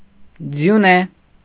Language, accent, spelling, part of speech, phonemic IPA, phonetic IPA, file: Armenian, Eastern Armenian, ձյունե, adjective, /d͡zjuˈne/, [d͡zjuné], Hy-ձյունե.ogg
- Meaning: made of snow